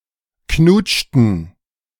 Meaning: inflection of knutschen: 1. first/third-person plural preterite 2. first/third-person plural subjunctive II
- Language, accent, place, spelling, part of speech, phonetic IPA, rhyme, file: German, Germany, Berlin, knutschten, verb, [ˈknuːt͡ʃtn̩], -uːt͡ʃtn̩, De-knutschten.ogg